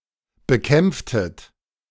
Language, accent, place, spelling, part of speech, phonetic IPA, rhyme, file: German, Germany, Berlin, bekämpftet, verb, [bəˈkɛmp͡ftət], -ɛmp͡ftət, De-bekämpftet.ogg
- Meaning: inflection of bekämpfen: 1. second-person plural preterite 2. second-person plural subjunctive II